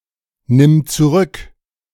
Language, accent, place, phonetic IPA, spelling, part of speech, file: German, Germany, Berlin, [ˌnɪm t͡suˈʁʏk], nimm zurück, verb, De-nimm zurück.ogg
- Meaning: singular imperative of zurücknehmen